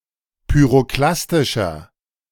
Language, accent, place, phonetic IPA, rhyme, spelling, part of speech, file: German, Germany, Berlin, [pyʁoˈklastɪʃɐ], -astɪʃɐ, pyroklastischer, adjective, De-pyroklastischer.ogg
- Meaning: inflection of pyroklastisch: 1. strong/mixed nominative masculine singular 2. strong genitive/dative feminine singular 3. strong genitive plural